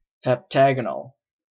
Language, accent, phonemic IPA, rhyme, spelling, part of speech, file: English, Canada, /hɛpˈtæɡənəl/, -æɡənəl, heptagonal, adjective, En-ca-heptagonal.oga
- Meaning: 1. Having seven angles and sides 2. Belonging to the sequence generated by the formula (5n²-3n)/2